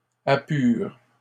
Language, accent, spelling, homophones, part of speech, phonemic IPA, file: French, Canada, apures, apure / apurent, verb, /a.pyʁ/, LL-Q150 (fra)-apures.wav
- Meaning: second-person singular present indicative/subjunctive of apurer